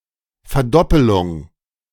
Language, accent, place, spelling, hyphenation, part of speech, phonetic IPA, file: German, Germany, Berlin, Verdoppelung, Ver‧dop‧pe‧lung, noun, [fɛɐ̯ˈdɔpəlʊŋ], De-Verdoppelung.ogg
- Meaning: 1. doubling 2. duplication